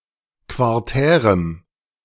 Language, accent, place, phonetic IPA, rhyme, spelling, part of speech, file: German, Germany, Berlin, [kvaʁˈtɛːʁəm], -ɛːʁəm, quartärem, adjective, De-quartärem.ogg
- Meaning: strong dative masculine/neuter singular of quartär